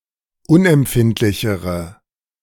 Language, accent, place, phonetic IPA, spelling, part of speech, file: German, Germany, Berlin, [ˈʊnʔɛmˌpfɪntlɪçəʁə], unempfindlichere, adjective, De-unempfindlichere.ogg
- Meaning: inflection of unempfindlich: 1. strong/mixed nominative/accusative feminine singular comparative degree 2. strong nominative/accusative plural comparative degree